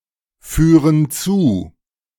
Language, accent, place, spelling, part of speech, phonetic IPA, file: German, Germany, Berlin, führen zu, verb, [ˌfyːʁən ˈt͡suː], De-führen zu.ogg
- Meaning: inflection of zuführen: 1. first/third-person plural present 2. first/third-person plural subjunctive I